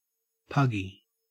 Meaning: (adjective) 1. Resembling or characteristic of a pug dog 2. sticky, claylike; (noun) Alternative form of pagi (“Indian tracker”)
- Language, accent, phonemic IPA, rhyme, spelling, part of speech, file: English, Australia, /ˈpʌɡi/, -ʌɡi, puggy, adjective / noun, En-au-puggy.ogg